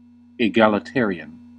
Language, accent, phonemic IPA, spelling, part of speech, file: English, US, /ɪˌɡæl.ɪˈtɛɹ.i.ən/, egalitarian, adjective / noun, En-us-egalitarian.ogg
- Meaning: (adjective) Characterized by social equality and equal rights for all people; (noun) A person who accepts or promotes social equality and equal rights for all people